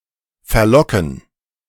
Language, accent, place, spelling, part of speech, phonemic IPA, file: German, Germany, Berlin, verlocken, verb, /fɛɐˈlɔkn̩/, De-verlocken.ogg
- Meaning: to entice